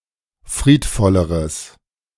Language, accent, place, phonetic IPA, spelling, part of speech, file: German, Germany, Berlin, [ˈfʁiːtˌfɔləʁəs], friedvolleres, adjective, De-friedvolleres.ogg
- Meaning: strong/mixed nominative/accusative neuter singular comparative degree of friedvoll